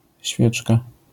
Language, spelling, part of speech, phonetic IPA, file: Polish, świeczka, noun, [ˈɕfʲjɛt͡ʃka], LL-Q809 (pol)-świeczka.wav